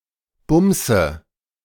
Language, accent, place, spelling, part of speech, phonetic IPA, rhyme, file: German, Germany, Berlin, bumse, verb, [ˈbʊmzə], -ʊmzə, De-bumse.ogg
- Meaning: inflection of bumsen: 1. first-person singular present 2. first/third-person singular subjunctive I 3. singular imperative